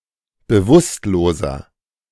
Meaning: inflection of bewusstlos: 1. strong/mixed nominative masculine singular 2. strong genitive/dative feminine singular 3. strong genitive plural
- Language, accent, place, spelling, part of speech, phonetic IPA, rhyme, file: German, Germany, Berlin, bewusstloser, adjective, [bəˈvʊstloːzɐ], -ʊstloːzɐ, De-bewusstloser.ogg